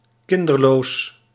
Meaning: childless
- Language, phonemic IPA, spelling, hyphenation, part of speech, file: Dutch, /ˈkɪn.dərˌloːs/, kinderloos, kin‧der‧loos, adjective, Nl-kinderloos.ogg